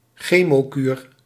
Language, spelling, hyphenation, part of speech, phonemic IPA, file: Dutch, chemokuur, che‧mo‧kuur, noun, /ˈxeː.moːˌkyːr/, Nl-chemokuur.ogg
- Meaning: chemotherapy